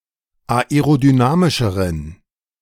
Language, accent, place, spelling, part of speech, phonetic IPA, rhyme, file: German, Germany, Berlin, aerodynamischeren, adjective, [aeʁodyˈnaːmɪʃəʁən], -aːmɪʃəʁən, De-aerodynamischeren.ogg
- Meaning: inflection of aerodynamisch: 1. strong genitive masculine/neuter singular comparative degree 2. weak/mixed genitive/dative all-gender singular comparative degree